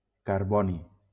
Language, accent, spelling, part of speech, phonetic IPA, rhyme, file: Catalan, Valencia, carboni, noun, [kaɾˈbɔ.ni], -ɔni, LL-Q7026 (cat)-carboni.wav
- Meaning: carbon